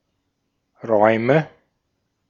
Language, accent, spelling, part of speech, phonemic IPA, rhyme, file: German, Austria, Räume, noun, /ˈʁɔɪ̯mə/, -ɔɪ̯mə, De-at-Räume.ogg
- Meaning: nominative/accusative/genitive plural of Raum